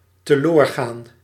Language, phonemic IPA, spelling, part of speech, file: Dutch, /təˈloːrˌɣaːn/, teloorgaan, verb, Nl-teloorgaan.ogg
- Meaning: to become lost